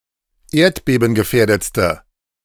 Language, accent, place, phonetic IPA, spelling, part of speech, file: German, Germany, Berlin, [ˈeːɐ̯tbeːbn̩ɡəˌfɛːɐ̯dət͡stə], erdbebengefährdetste, adjective, De-erdbebengefährdetste.ogg
- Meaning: inflection of erdbebengefährdet: 1. strong/mixed nominative/accusative feminine singular superlative degree 2. strong nominative/accusative plural superlative degree